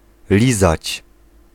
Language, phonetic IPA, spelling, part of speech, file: Polish, [ˈlʲizat͡ɕ], lizać, verb, Pl-lizać.ogg